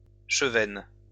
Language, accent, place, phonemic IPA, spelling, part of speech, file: French, France, Lyon, /ʃə.vɛn/, chevaine, noun, LL-Q150 (fra)-chevaine.wav
- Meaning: chub (Leuciscus cephalus, now Squalius cephalus)